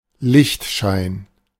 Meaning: gleam of light
- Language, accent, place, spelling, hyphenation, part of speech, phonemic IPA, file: German, Germany, Berlin, Lichtschein, Licht‧schein, noun, /ˈlɪçtˌʃaɪ̯n/, De-Lichtschein.ogg